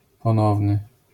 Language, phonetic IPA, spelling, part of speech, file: Polish, [pɔ̃ˈnɔvnɨ], ponowny, adjective, LL-Q809 (pol)-ponowny.wav